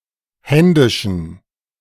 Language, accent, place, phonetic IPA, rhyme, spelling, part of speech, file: German, Germany, Berlin, [ˈhɛndɪʃn̩], -ɛndɪʃn̩, händischen, adjective, De-händischen.ogg
- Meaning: inflection of händisch: 1. strong genitive masculine/neuter singular 2. weak/mixed genitive/dative all-gender singular 3. strong/weak/mixed accusative masculine singular 4. strong dative plural